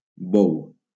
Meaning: 1. ox 2. bullock, steer 3. the edible crab (Cancer pagurus) 4. seine fishing
- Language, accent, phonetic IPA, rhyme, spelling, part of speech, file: Catalan, Valencia, [ˈbɔw], -ɔw, bou, noun, LL-Q7026 (cat)-bou.wav